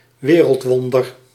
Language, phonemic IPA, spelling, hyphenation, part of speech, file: Dutch, /ˈʋeː.rəltˌʋɔn.dər/, wereldwonder, we‧reld‧won‧der, noun, Nl-wereldwonder.ogg
- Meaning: wonder of the world